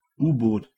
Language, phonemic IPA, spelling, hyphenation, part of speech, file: German, /ˈuːboːt/, U-Boot, U-Boot, noun, De-U-Boot.oga
- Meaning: 1. submarine (vessel) 2. submersible (vessel)